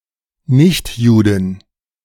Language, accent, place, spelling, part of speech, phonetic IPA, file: German, Germany, Berlin, Nichtjuden, noun, [ˈnɪçtˌjuːdn̩], De-Nichtjuden.ogg
- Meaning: plural of Nichtjude